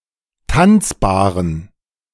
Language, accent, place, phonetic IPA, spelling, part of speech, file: German, Germany, Berlin, [ˈtant͡sbaːʁən], tanzbaren, adjective, De-tanzbaren.ogg
- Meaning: inflection of tanzbar: 1. strong genitive masculine/neuter singular 2. weak/mixed genitive/dative all-gender singular 3. strong/weak/mixed accusative masculine singular 4. strong dative plural